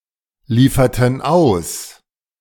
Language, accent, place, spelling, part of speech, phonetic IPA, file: German, Germany, Berlin, lieferten aus, verb, [ˌliːfɐtn̩ ˈaʊ̯s], De-lieferten aus.ogg
- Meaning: inflection of ausliefern: 1. first/third-person plural preterite 2. first/third-person plural subjunctive II